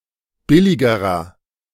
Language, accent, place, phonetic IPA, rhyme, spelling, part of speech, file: German, Germany, Berlin, [ˈbɪlɪɡəʁɐ], -ɪlɪɡəʁɐ, billigerer, adjective, De-billigerer.ogg
- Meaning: inflection of billig: 1. strong/mixed nominative masculine singular comparative degree 2. strong genitive/dative feminine singular comparative degree 3. strong genitive plural comparative degree